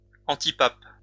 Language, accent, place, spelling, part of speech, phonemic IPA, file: French, France, Lyon, antipape, noun, /ɑ̃.ti.pap/, LL-Q150 (fra)-antipape.wav
- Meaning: antipope